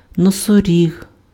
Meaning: rhinoceros
- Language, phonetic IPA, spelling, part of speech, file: Ukrainian, [nɔsoˈrʲiɦ], носоріг, noun, Uk-носоріг.ogg